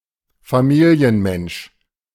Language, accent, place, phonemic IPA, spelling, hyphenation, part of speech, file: German, Germany, Berlin, /faˈmiːli̯ənˌmɛnʃ/, Familienmensch, Fa‧mi‧li‧en‧mensch, noun, De-Familienmensch.ogg
- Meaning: family person, family man